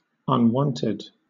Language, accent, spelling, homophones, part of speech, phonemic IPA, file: English, Southern England, unwanted, unwonted, adjective / noun, /ʌnˈwɒntɪd/, LL-Q1860 (eng)-unwanted.wav
- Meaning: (adjective) Not wanted; unwelcome; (noun) One who or that is not wanted; an undesirable